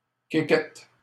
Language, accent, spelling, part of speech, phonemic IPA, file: French, Canada, quéquette, noun, /ke.kɛt/, LL-Q150 (fra)-quéquette.wav
- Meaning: penis; willy; tackle